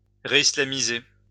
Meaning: to make Islamic again
- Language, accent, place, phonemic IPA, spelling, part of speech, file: French, France, Lyon, /ʁe.i.sla.mi.ze/, réislamiser, verb, LL-Q150 (fra)-réislamiser.wav